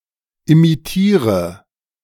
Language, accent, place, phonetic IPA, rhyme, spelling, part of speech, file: German, Germany, Berlin, [imiˈtiːʁə], -iːʁə, imitiere, verb, De-imitiere.ogg
- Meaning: inflection of imitieren: 1. first-person singular present 2. first/third-person singular subjunctive I 3. singular imperative